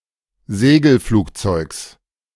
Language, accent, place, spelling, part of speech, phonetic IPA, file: German, Germany, Berlin, Segelflugzeugs, noun, [ˈzeːɡl̩ˌfluːkt͡sɔɪ̯ks], De-Segelflugzeugs.ogg
- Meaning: genitive singular of Segelflugzeug